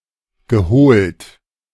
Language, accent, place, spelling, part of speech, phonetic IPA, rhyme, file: German, Germany, Berlin, geholt, verb, [ɡəˈhoːlt], -oːlt, De-geholt.ogg
- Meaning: past participle of holen